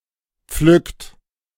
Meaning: inflection of pflücken: 1. third-person singular present 2. second-person plural present 3. plural imperative
- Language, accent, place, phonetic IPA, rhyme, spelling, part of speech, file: German, Germany, Berlin, [p͡flʏkt], -ʏkt, pflückt, verb, De-pflückt.ogg